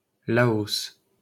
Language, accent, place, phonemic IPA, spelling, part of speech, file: French, France, Paris, /la.ɔs/, Laos, proper noun, LL-Q150 (fra)-Laos.wav
- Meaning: Laos (a country in Southeast Asia)